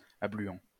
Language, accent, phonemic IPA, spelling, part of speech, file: French, France, /a.bly.ɑ̃/, abluant, verb, LL-Q150 (fra)-abluant.wav
- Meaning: present participle of abluer